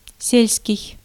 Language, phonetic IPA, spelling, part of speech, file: Russian, [ˈsʲelʲskʲɪj], сельский, adjective, Ru-сельский.ogg
- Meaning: 1. village 2. rural, country (relating to less-populated, non-urban areas) 3. agricultural